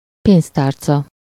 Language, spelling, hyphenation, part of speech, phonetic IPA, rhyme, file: Hungarian, pénztárca, pénz‧tár‧ca, noun, [ˈpeːnstaːrt͡sɒ], -t͡sɒ, Hu-pénztárca.ogg
- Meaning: wallet